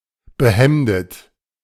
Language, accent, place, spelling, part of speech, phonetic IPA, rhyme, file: German, Germany, Berlin, behemdet, adjective, [bəˈhɛmdət], -ɛmdət, De-behemdet.ogg
- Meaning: shirted